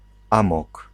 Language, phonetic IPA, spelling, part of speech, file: Polish, [ˈãmɔk], amok, noun, Pl-amok.ogg